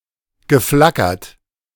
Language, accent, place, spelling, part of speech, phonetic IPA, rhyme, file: German, Germany, Berlin, geflackert, verb, [ɡəˈflakɐt], -akɐt, De-geflackert.ogg
- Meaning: past participle of flackern